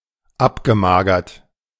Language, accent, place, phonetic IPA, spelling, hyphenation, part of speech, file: German, Germany, Berlin, [ˈapɡəˌmaːɡɐt], abgemagert, ab‧ge‧ma‧gert, verb / adjective, De-abgemagert.ogg
- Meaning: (verb) past participle of abmagern; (adjective) emaciated